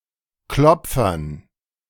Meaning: dative plural of Klopfer
- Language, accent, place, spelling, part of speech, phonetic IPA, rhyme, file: German, Germany, Berlin, Klopfern, noun, [ˈklɔp͡fɐn], -ɔp͡fɐn, De-Klopfern.ogg